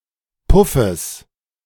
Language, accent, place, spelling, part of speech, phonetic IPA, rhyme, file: German, Germany, Berlin, Puffes, noun, [ˈpʊfəs], -ʊfəs, De-Puffes.ogg
- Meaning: genitive singular of Puff